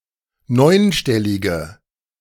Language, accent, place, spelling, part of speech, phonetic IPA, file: German, Germany, Berlin, neunstellige, adjective, [ˈnɔɪ̯nˌʃtɛlɪɡə], De-neunstellige.ogg
- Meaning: inflection of neunstellig: 1. strong/mixed nominative/accusative feminine singular 2. strong nominative/accusative plural 3. weak nominative all-gender singular